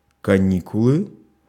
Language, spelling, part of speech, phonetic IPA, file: Russian, каникулы, noun, [kɐˈnʲikʊɫɨ], Ru-каникулы.ogg
- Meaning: vacation (U.S.), holiday (UK)